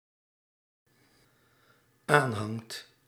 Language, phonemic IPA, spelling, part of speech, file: Dutch, /ˈanhaŋt/, aanhangt, verb, Nl-aanhangt.ogg
- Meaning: second/third-person singular dependent-clause present indicative of aanhangen